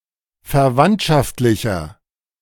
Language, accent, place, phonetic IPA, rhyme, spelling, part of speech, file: German, Germany, Berlin, [fɛɐ̯ˈvantʃaftlɪçɐ], -antʃaftlɪçɐ, verwandtschaftlicher, adjective, De-verwandtschaftlicher.ogg
- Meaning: 1. comparative degree of verwandtschaftlich 2. inflection of verwandtschaftlich: strong/mixed nominative masculine singular